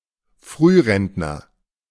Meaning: early retiree, early pensioner; someone who has taken early retirement
- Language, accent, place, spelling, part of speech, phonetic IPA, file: German, Germany, Berlin, Frührentner, noun, [ˈfʁyːˌʁɛntnɐ], De-Frührentner.ogg